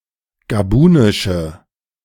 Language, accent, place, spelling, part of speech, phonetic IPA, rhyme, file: German, Germany, Berlin, gabunische, adjective, [ɡaˈbuːnɪʃə], -uːnɪʃə, De-gabunische.ogg
- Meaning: inflection of gabunisch: 1. strong/mixed nominative/accusative feminine singular 2. strong nominative/accusative plural 3. weak nominative all-gender singular